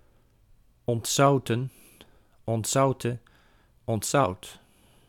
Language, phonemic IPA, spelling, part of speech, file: Dutch, /ɔntˈzɑu̯tə(n)/, ontzouten, verb, Nl-ontzouten.ogg
- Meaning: 1. to desalt, to desalinate 2. past participle of ontzouten